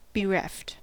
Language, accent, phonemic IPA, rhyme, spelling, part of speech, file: English, US, /bəˈɹɛft/, -ɛft, bereft, verb / adjective, En-us-bereft.ogg
- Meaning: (verb) simple past and past participle of bereave; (adjective) 1. Pained by the loss of someone 2. Deprived of, stripped of, robbed of 3. Lacking, devoid of